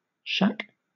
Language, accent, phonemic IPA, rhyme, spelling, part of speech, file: English, Southern England, /ʃæk/, -æk, shack, noun / verb / adjective, LL-Q1860 (eng)-shack.wav
- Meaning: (noun) 1. A crude, roughly built hut or cabin 2. Any poorly constructed or poorly furnished building 3. The room from which a ham radio operator transmits; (verb) To live (in or with); to shack up